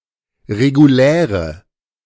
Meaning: inflection of regulär: 1. strong/mixed nominative/accusative feminine singular 2. strong nominative/accusative plural 3. weak nominative all-gender singular 4. weak accusative feminine/neuter singular
- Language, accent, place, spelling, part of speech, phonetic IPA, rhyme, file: German, Germany, Berlin, reguläre, adjective, [ʁeɡuˈlɛːʁə], -ɛːʁə, De-reguläre.ogg